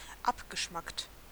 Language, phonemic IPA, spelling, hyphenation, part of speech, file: German, /ˈapɡəʃmakt/, abgeschmackt, ab‧ge‧schmackt, adjective, De-abgeschmackt.ogg
- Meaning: 1. outrageous, tasteless, vulgar 2. corny, fatuous